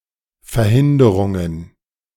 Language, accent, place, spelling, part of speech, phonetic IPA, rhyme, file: German, Germany, Berlin, Verhinderungen, noun, [fɛɐ̯ˈhɪndəʁʊŋən], -ɪndəʁʊŋən, De-Verhinderungen.ogg
- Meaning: plural of Verhinderung